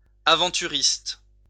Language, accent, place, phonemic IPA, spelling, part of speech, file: French, France, Lyon, /a.vɑ̃.ty.ʁist/, aventuriste, adjective / noun, LL-Q150 (fra)-aventuriste.wav
- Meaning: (adjective) adventurist